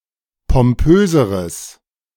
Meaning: strong/mixed nominative/accusative neuter singular comparative degree of pompös
- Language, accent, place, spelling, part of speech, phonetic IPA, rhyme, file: German, Germany, Berlin, pompöseres, adjective, [pɔmˈpøːzəʁəs], -øːzəʁəs, De-pompöseres.ogg